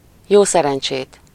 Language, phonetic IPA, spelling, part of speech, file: Hungarian, [ˈjoːsɛrɛnt͡ʃeːt], jó szerencsét, phrase, Hu-jó szerencsét.ogg
- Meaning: good luck! (the traditional greeting of Hungarian coalminers)